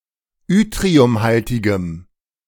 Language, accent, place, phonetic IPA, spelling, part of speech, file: German, Germany, Berlin, [ˈʏtʁiʊmˌhaltɪɡəm], yttriumhaltigem, adjective, De-yttriumhaltigem.ogg
- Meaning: strong dative masculine/neuter singular of yttriumhaltig